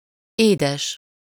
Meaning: 1. sweet 2. cute, dear 3. fresh (without salt; not saline) 4. consanguineous
- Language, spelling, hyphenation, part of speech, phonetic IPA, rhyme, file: Hungarian, édes, édes, adjective, [ˈeːdɛʃ], -ɛʃ, Hu-édes.ogg